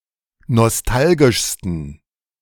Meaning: 1. superlative degree of nostalgisch 2. inflection of nostalgisch: strong genitive masculine/neuter singular superlative degree
- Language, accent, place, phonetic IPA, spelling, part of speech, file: German, Germany, Berlin, [nɔsˈtalɡɪʃstn̩], nostalgischsten, adjective, De-nostalgischsten.ogg